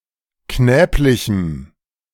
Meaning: strong dative masculine/neuter singular of knäblich
- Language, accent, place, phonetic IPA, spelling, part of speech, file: German, Germany, Berlin, [ˈknɛːplɪçm̩], knäblichem, adjective, De-knäblichem.ogg